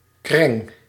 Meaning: 1. a cadaver, carcass, corpse, especially when in a state of decay; in particular an animal corpse 2. a bitch, shrew, hateful female 3. a malicious and contemptible person 4. an annoying object
- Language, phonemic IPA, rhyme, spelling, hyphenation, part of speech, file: Dutch, /krɛŋ/, -ɛŋ, kreng, kreng, noun, Nl-kreng.ogg